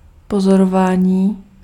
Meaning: 1. verbal noun of pozorovat 2. sighting 3. observation 4. surveillance
- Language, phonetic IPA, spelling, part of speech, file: Czech, [ˈpozorovaːɲiː], pozorování, noun, Cs-pozorování.ogg